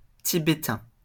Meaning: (adjective) Tibetan; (noun) Tibetan (the language)
- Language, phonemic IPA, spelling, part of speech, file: French, /ti.be.tɛ̃/, tibétain, adjective / noun, LL-Q150 (fra)-tibétain.wav